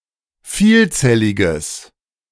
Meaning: strong/mixed nominative/accusative neuter singular of vielzellig
- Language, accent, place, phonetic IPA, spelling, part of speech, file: German, Germany, Berlin, [ˈfiːlˌt͡sɛlɪɡəs], vielzelliges, adjective, De-vielzelliges.ogg